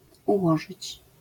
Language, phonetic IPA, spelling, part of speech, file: Polish, [uˈwɔʒɨt͡ɕ], ułożyć, verb, LL-Q809 (pol)-ułożyć.wav